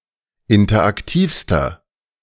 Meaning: inflection of interaktiv: 1. strong/mixed nominative masculine singular superlative degree 2. strong genitive/dative feminine singular superlative degree 3. strong genitive plural superlative degree
- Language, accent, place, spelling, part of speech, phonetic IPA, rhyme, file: German, Germany, Berlin, interaktivster, adjective, [ˌɪntɐʔakˈtiːfstɐ], -iːfstɐ, De-interaktivster.ogg